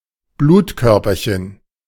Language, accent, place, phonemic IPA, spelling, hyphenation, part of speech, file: German, Germany, Berlin, /ˈbluːtkœʁpɐçən/, Blutkörperchen, Blut‧kör‧per‧chen, noun, De-Blutkörperchen.ogg
- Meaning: blood cell, blood corpuscle